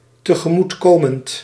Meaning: present participle of tegemoetkomen
- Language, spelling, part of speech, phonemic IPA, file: Dutch, tegemoetkomend, adjective / verb, /təɣəˈmutkomənt/, Nl-tegemoetkomend.ogg